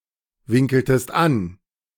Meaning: inflection of anwinkeln: 1. second-person singular preterite 2. second-person singular subjunctive II
- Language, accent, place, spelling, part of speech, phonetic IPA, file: German, Germany, Berlin, winkeltest an, verb, [ˌvɪŋkl̩təst ˈan], De-winkeltest an.ogg